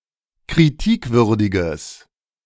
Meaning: strong/mixed nominative/accusative neuter singular of kritikwürdig
- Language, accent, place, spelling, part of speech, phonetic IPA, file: German, Germany, Berlin, kritikwürdiges, adjective, [kʁiˈtiːkˌvʏʁdɪɡəs], De-kritikwürdiges.ogg